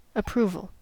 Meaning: An expression granting permission; an indication of agreement with a proposal; an acknowledgement that a person, thing, or event meets requirements
- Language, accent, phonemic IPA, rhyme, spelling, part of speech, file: English, US, /əˈpɹuvəl/, -uːvəl, approval, noun, En-us-approval.ogg